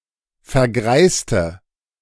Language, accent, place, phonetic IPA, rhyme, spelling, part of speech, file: German, Germany, Berlin, [fɛɐ̯ˈɡʁaɪ̯stə], -aɪ̯stə, vergreiste, adjective / verb, De-vergreiste.ogg
- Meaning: inflection of vergreisen: 1. first/third-person singular preterite 2. first/third-person singular subjunctive II